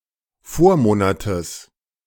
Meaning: genitive singular of Vormonat
- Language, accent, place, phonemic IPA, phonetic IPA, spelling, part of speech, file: German, Germany, Berlin, /ˈfoːɐ̯ˌmoːnatəs/, [ˈfoːɐ̯ˌmoːnatʰəs], Vormonates, noun, De-Vormonates.ogg